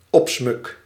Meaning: decoration, ornament (often used to state that something is useless)
- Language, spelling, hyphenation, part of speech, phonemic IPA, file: Dutch, opsmuk, op‧smuk, noun, /ˈɔp.smʏk/, Nl-opsmuk.ogg